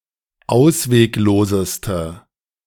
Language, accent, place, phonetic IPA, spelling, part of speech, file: German, Germany, Berlin, [ˈaʊ̯sveːkˌloːzəstə], auswegloseste, adjective, De-auswegloseste.ogg
- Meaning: inflection of ausweglos: 1. strong/mixed nominative/accusative feminine singular superlative degree 2. strong nominative/accusative plural superlative degree